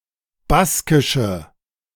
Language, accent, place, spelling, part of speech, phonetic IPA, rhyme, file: German, Germany, Berlin, baskische, adjective, [ˈbaskɪʃə], -askɪʃə, De-baskische.ogg
- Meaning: inflection of baskisch: 1. strong/mixed nominative/accusative feminine singular 2. strong nominative/accusative plural 3. weak nominative all-gender singular